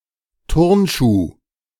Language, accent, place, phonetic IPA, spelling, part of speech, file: German, Germany, Berlin, [ˈtʊʁnˌʃuː], Turnschuh, noun, De-Turnschuh.ogg
- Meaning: 1. gymnastic shoe 2. athletic shoe, sport shoe